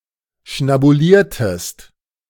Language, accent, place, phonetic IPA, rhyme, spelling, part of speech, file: German, Germany, Berlin, [ʃnabuˈliːɐ̯təst], -iːɐ̯təst, schnabuliertest, verb, De-schnabuliertest.ogg
- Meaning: inflection of schnabulieren: 1. second-person singular preterite 2. second-person singular subjunctive II